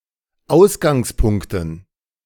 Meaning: dative plural of Ausgangspunkt
- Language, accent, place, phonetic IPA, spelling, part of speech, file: German, Germany, Berlin, [ˈaʊ̯sɡaŋsˌpʊŋktn̩], Ausgangspunkten, noun, De-Ausgangspunkten.ogg